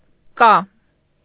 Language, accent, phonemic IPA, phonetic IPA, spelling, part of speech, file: Armenian, Eastern Armenian, /kɑ/, [kɑ], կա, verb, Hy-կա.ogg
- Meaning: third-person singular present indicative of կամ (kam)